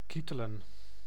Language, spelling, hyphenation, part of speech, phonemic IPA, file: Dutch, kietelen, kie‧te‧len, verb, /ˈki.tə.lə(n)/, Nl-kietelen.ogg
- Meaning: to tickle